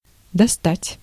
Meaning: 1. to reach, to touch 2. to take, to go fetch, to take out 3. to get, to procure, to obtain; especially about a product that is rare, or of which there is a shortage 4. to annoy someone badly
- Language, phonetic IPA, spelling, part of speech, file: Russian, [dɐˈstatʲ], достать, verb, Ru-достать.ogg